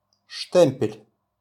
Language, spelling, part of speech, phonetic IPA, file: Russian, штемпель, noun, [ˈʂtɛm⁽ʲ⁾pʲɪlʲ], RU-штемпель.wav
- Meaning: 1. stamp, seal 2. impression made with such a stamp